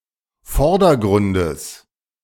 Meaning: genitive singular of Vordergrund
- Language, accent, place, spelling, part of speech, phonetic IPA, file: German, Germany, Berlin, Vordergrundes, noun, [ˈfɔʁdɐˌɡʁʊndəs], De-Vordergrundes.ogg